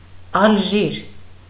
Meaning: 1. Algeria (a country in North Africa) 2. Algiers (the capital and largest city of Algeria)
- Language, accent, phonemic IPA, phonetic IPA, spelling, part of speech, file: Armenian, Eastern Armenian, /ɑlˈʒiɾ/, [ɑlʒíɾ], Ալժիր, proper noun, Hy-Ալժիր.ogg